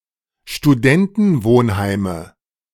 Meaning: nominative/accusative/genitive plural of Studentenwohnheim
- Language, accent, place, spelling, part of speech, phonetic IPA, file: German, Germany, Berlin, Studentenwohnheime, noun, [ʃtuˈdɛntn̩ˌvoːnhaɪ̯mə], De-Studentenwohnheime.ogg